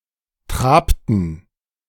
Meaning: inflection of traben: 1. first/third-person plural preterite 2. first/third-person plural subjunctive II
- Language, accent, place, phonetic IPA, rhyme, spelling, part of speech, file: German, Germany, Berlin, [ˈtʁaːptn̩], -aːptn̩, trabten, verb, De-trabten.ogg